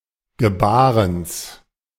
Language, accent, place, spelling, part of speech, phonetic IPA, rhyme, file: German, Germany, Berlin, Gebarens, noun, [ɡəˈbaːʁəns], -aːʁəns, De-Gebarens.ogg
- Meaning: genitive of Gebaren